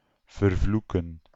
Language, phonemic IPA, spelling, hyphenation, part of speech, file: Dutch, /vərˈvlu.kə(n)/, vervloeken, ver‧vloe‧ken, verb, Nl-vervloeken.ogg
- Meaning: to curse, to put a curse on someone